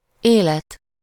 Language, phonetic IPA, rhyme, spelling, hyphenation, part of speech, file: Hungarian, [ˈeːlɛt], -ɛt, élet, élet, noun, Hu-élet.ogg